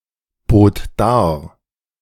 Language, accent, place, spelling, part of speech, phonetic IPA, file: German, Germany, Berlin, bot dar, verb, [ˌboːt ˈdaːɐ̯], De-bot dar.ogg
- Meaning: first/third-person singular preterite of darbieten